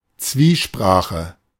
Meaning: dialogue
- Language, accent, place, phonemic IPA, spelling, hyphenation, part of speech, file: German, Germany, Berlin, /ˈt͡sviːˌʃpʁaːxə/, Zwiesprache, Zwie‧spra‧che, noun, De-Zwiesprache.ogg